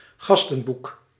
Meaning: 1. guest book (ledger where people can leave names, other information and comments) 2. guest book (public comment form on a website)
- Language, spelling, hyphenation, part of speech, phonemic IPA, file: Dutch, gastenboek, gas‧ten‧boek, noun, /ˈɣɑs.tə(n)ˌbuk/, Nl-gastenboek.ogg